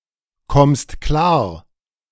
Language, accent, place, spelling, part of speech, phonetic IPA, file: German, Germany, Berlin, kommst klar, verb, [ˌkɔmst ˈklaːɐ̯], De-kommst klar.ogg
- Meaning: second-person singular present of klarkommen